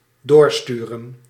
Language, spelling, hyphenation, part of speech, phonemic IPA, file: Dutch, doorsturen, door‧stu‧ren, verb, /ˈdoːrˌstyːrə(n)/, Nl-doorsturen.ogg
- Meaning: to send onwards, to forward